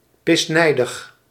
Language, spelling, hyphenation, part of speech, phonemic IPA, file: Dutch, pisnijdig, pis‧nij‧dig, adjective, /ˌpɪsˈnɛi̯.dəx/, Nl-pisnijdig.ogg
- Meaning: livid, furiously angry